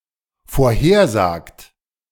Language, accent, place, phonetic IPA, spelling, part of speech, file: German, Germany, Berlin, [foːɐ̯ˈheːɐ̯ˌzaːkt], vorhersagt, verb, De-vorhersagt.ogg
- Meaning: inflection of vorhersagen: 1. third-person singular dependent present 2. second-person plural dependent present